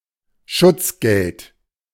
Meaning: protection money
- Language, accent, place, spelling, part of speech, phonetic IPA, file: German, Germany, Berlin, Schutzgeld, noun, [ˈʃʊt͡sˌɡɛlt], De-Schutzgeld.ogg